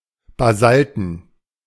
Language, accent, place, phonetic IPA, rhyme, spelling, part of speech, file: German, Germany, Berlin, [baˈzaltn̩], -altn̩, basalten, adjective, De-basalten.ogg
- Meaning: basalt